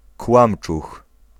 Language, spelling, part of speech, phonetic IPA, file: Polish, kłamczuch, noun, [ˈkwãmt͡ʃux], Pl-kłamczuch.ogg